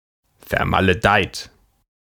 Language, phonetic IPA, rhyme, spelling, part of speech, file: German, [fɛɐ̯maləˈdaɪ̯t], -aɪ̯t, vermaledeit, adjective / verb, De-vermaledeit.ogg
- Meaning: cursed, damned